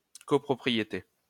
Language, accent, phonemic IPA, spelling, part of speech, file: French, France, /kɔ.pʁɔ.pʁi.je.te/, copropriété, noun, LL-Q150 (fra)-copropriété.wav
- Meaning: 1. co-ownership 2. condominium